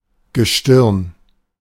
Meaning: 1. celestial body, heavenly body 2. stars collectively, especially a constellation
- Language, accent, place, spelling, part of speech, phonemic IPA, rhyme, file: German, Germany, Berlin, Gestirn, noun, /ɡəˈʃtɪʁn/, -ɪʁn, De-Gestirn.ogg